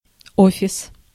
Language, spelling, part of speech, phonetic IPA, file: Russian, офис, noun, [ˈofʲɪs], Ru-офис.ogg
- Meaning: office